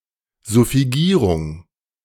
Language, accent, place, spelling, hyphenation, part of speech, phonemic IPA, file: German, Germany, Berlin, Suffigierung, Suf‧fi‧gie‧rung, noun, /zʊfiˈɡiːʁʊŋ/, De-Suffigierung.ogg
- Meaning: suffixation